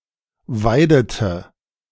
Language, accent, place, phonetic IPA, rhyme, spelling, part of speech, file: German, Germany, Berlin, [ˈvaɪ̯dətə], -aɪ̯dətə, weidete, verb, De-weidete.ogg
- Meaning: inflection of weiden: 1. first/third-person singular preterite 2. first/third-person singular subjunctive II